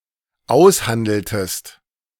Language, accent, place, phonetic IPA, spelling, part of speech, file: German, Germany, Berlin, [ˈaʊ̯sˌhandl̩təst], aushandeltest, verb, De-aushandeltest.ogg
- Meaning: inflection of aushandeln: 1. second-person singular dependent preterite 2. second-person singular dependent subjunctive II